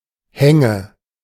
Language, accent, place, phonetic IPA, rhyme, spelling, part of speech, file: German, Germany, Berlin, [ˈhɛŋə], -ɛŋə, Hänge, noun, De-Hänge.ogg
- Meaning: nominative/accusative/genitive plural of Hang